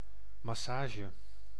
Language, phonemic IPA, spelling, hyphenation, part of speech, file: Dutch, /mɑˈsaːʒə/, massage, mas‧sa‧ge, noun, Nl-massage.ogg
- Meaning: physical massage